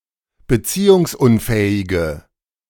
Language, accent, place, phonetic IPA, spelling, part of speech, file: German, Germany, Berlin, [bəˈt͡siːʊŋsˌʔʊnfɛːɪɡə], beziehungsunfähige, adjective, De-beziehungsunfähige.ogg
- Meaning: inflection of beziehungsunfähig: 1. strong/mixed nominative/accusative feminine singular 2. strong nominative/accusative plural 3. weak nominative all-gender singular